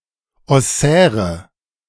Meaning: inflection of ossär: 1. strong/mixed nominative/accusative feminine singular 2. strong nominative/accusative plural 3. weak nominative all-gender singular 4. weak accusative feminine/neuter singular
- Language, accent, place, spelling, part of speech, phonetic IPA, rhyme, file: German, Germany, Berlin, ossäre, adjective, [ɔˈsɛːʁə], -ɛːʁə, De-ossäre.ogg